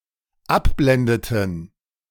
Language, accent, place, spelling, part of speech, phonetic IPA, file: German, Germany, Berlin, abblendeten, verb, [ˈapˌblɛndətn̩], De-abblendeten.ogg
- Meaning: inflection of abblenden: 1. first/third-person plural dependent preterite 2. first/third-person plural dependent subjunctive II